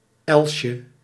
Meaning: diminutive of els
- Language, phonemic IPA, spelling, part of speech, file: Dutch, /ˈɛlʃə/, elsje, noun, Nl-elsje.ogg